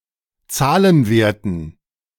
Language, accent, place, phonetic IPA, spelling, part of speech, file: German, Germany, Berlin, [ˈt͡saːlənˌveːɐ̯tn̩], Zahlenwerten, noun, De-Zahlenwerten.ogg
- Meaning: dative plural of Zahlenwert